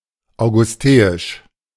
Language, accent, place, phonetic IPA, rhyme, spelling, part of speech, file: German, Germany, Berlin, [aʊ̯ɡʊsˈteːɪʃ], -eːɪʃ, augusteisch, adjective, De-augusteisch.ogg
- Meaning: Augustan